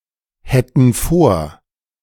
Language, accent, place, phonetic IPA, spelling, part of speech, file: German, Germany, Berlin, [ˌhɛtn̩ ˈfoːɐ̯], hätten vor, verb, De-hätten vor.ogg
- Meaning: first/third-person plural subjunctive II of vorhaben